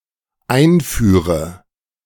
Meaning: inflection of einführen: 1. first-person singular dependent present 2. first/third-person singular dependent subjunctive I
- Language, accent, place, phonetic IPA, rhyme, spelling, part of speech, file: German, Germany, Berlin, [ˈaɪ̯nˌfyːʁə], -aɪ̯nfyːʁə, einführe, verb, De-einführe.ogg